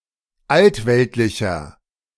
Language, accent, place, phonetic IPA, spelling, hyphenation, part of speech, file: German, Germany, Berlin, [ˈaltˌvɛltlɪçɐ], altweltlicher, alt‧welt‧li‧cher, adjective, De-altweltlicher.ogg
- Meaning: inflection of altweltlich: 1. strong/mixed nominative masculine singular 2. strong genitive/dative feminine singular 3. strong genitive plural